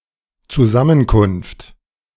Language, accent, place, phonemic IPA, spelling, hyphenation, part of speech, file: German, Germany, Berlin, /t͡suˈzamənkʊnft/, Zusammenkunft, Zu‧sam‧men‧kunft, noun, De-Zusammenkunft.ogg
- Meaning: meeting (gathering for a purpose)